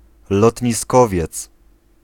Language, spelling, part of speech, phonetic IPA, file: Polish, lotniskowiec, noun, [ˌlɔtʲɲiˈskɔvʲjɛt͡s], Pl-lotniskowiec.ogg